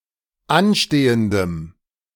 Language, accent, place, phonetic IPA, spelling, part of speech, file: German, Germany, Berlin, [ˈanˌʃteːəndəm], anstehendem, adjective, De-anstehendem.ogg
- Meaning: strong dative masculine/neuter singular of anstehend